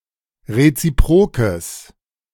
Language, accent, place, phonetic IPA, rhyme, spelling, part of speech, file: German, Germany, Berlin, [ʁet͡siˈpʁoːkəs], -oːkəs, reziprokes, adjective, De-reziprokes.ogg
- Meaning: strong/mixed nominative/accusative neuter singular of reziprok